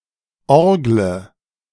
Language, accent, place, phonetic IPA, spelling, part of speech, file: German, Germany, Berlin, [ˈɔʁɡlə], orgle, verb, De-orgle.ogg
- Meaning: inflection of orgeln: 1. first-person singular present 2. first/third-person singular subjunctive I 3. singular imperative